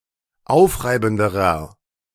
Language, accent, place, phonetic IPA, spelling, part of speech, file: German, Germany, Berlin, [ˈaʊ̯fˌʁaɪ̯bn̩dəʁɐ], aufreibenderer, adjective, De-aufreibenderer.ogg
- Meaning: inflection of aufreibend: 1. strong/mixed nominative masculine singular comparative degree 2. strong genitive/dative feminine singular comparative degree 3. strong genitive plural comparative degree